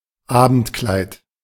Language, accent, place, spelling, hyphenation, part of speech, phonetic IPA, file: German, Germany, Berlin, Abendkleid, Abend‧kleid, noun, [ˈaːbn̩tˌklaɪ̯t], De-Abendkleid.ogg
- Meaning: evening dress